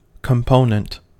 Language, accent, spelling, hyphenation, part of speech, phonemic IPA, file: English, US, component, com‧po‧nent, noun / adjective, /kəmˈpoʊ.nənt/, En-us-component.ogg
- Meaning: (noun) A smaller, self-contained part of a larger entity. Often refers to a manufactured object that is part of a larger device